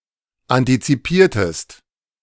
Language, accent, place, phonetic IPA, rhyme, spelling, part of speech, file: German, Germany, Berlin, [ˌantit͡siˈpiːɐ̯təst], -iːɐ̯təst, antizipiertest, verb, De-antizipiertest.ogg
- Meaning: inflection of antizipieren: 1. second-person singular preterite 2. second-person singular subjunctive II